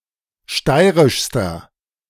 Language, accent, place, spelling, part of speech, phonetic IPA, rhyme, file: German, Germany, Berlin, steirischster, adjective, [ˈʃtaɪ̯ʁɪʃstɐ], -aɪ̯ʁɪʃstɐ, De-steirischster.ogg
- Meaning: inflection of steirisch: 1. strong/mixed nominative masculine singular superlative degree 2. strong genitive/dative feminine singular superlative degree 3. strong genitive plural superlative degree